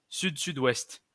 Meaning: south-southwest (compass point)
- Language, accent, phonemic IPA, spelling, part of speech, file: French, France, /syd.sy.dwɛst/, sud-sud-ouest, noun, LL-Q150 (fra)-sud-sud-ouest.wav